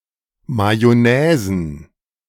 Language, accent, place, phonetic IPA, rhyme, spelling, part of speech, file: German, Germany, Berlin, [majɔˈnɛːzn̩], -ɛːzn̩, Majonäsen, noun, De-Majonäsen.ogg
- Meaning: plural of Majonäse